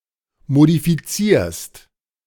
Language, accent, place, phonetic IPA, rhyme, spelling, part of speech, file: German, Germany, Berlin, [modifiˈt͡siːɐ̯st], -iːɐ̯st, modifizierst, verb, De-modifizierst.ogg
- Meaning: second-person singular present of modifizieren